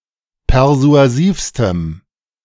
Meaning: strong dative masculine/neuter singular superlative degree of persuasiv
- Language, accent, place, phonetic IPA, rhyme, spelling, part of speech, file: German, Germany, Berlin, [pɛʁzu̯aˈziːfstəm], -iːfstəm, persuasivstem, adjective, De-persuasivstem.ogg